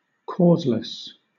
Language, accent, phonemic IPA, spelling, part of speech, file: English, Southern England, /ˈkɔːzləs/, causeless, adjective, LL-Q1860 (eng)-causeless.wav
- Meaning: 1. Having no obvious cause; fortuitous or inexplicable 2. Groundless or unreasonable